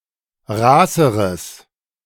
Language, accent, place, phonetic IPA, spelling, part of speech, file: German, Germany, Berlin, [ˈʁaːsəʁəs], raßeres, adjective, De-raßeres.ogg
- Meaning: strong/mixed nominative/accusative neuter singular comparative degree of raß